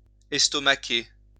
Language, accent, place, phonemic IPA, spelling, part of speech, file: French, France, Lyon, /ɛs.tɔ.ma.ke/, estomaquer, verb, LL-Q150 (fra)-estomaquer.wav
- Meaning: to flabbergast, stupefy